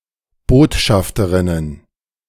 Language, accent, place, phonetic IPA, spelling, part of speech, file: German, Germany, Berlin, [ˈboːtˌʃaftəʁɪnən], Botschafterinnen, noun, De-Botschafterinnen.ogg
- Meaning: plural of Botschafterin